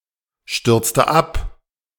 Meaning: inflection of abstürzen: 1. first/third-person singular preterite 2. first/third-person singular subjunctive II
- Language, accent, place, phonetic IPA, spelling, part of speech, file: German, Germany, Berlin, [ˌʃtʏʁt͡stə ˈap], stürzte ab, verb, De-stürzte ab.ogg